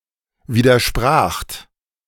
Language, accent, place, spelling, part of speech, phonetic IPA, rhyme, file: German, Germany, Berlin, widerspracht, verb, [ˌviːdɐˈʃpʁaːxt], -aːxt, De-widerspracht.ogg
- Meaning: second-person plural preterite of widersprechen